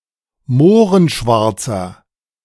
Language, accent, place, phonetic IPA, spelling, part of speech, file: German, Germany, Berlin, [ˈmoːʁənˌʃvaʁt͡sɐ], mohrenschwarzer, adjective, De-mohrenschwarzer.ogg
- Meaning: inflection of mohrenschwarz: 1. strong/mixed nominative masculine singular 2. strong genitive/dative feminine singular 3. strong genitive plural